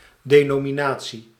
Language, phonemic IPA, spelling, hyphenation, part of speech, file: Dutch, /deːnoːmiˌnaː(t)si/, denominatie, de‧no‧mi‧na‧tie, noun, Nl-denominatie.ogg
- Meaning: 1. a denomination, designation 2. a denomination; an organised religious association, an organised faction or formal ideological tendency